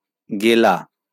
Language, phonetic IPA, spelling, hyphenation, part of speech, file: Bengali, [ˈɡe.la], গেলা, গে‧লা, verb, LL-Q9610 (ben)-গেলা.wav
- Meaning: to swallow